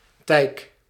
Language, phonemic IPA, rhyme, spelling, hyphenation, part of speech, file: Dutch, /tɛi̯k/, -ɛi̯k, tijk, tijk, noun, Nl-tijk.ogg
- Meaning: 1. a pillowcase 2. a type of coarse cotton fabric